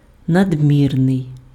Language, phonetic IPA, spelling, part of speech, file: Ukrainian, [nɐdʲˈmʲirnei̯], надмірний, adjective, Uk-надмірний.ogg
- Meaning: 1. excessive (going beyond what is necessary or normal) 2. immoderate, inordinate, overabundant (in too great a quantity)